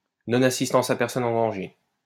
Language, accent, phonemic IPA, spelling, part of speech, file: French, France, /nɔ.n‿a.sis.tɑ̃s a pɛʁ.sɔ.n‿ɑ̃ dɑ̃.ʒe/, non-assistance à personne en danger, noun, LL-Q150 (fra)-non-assistance à personne en danger.wav
- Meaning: non observance of one's duty to rescue, failure to come to the rescue of a person in danger (a crime in France)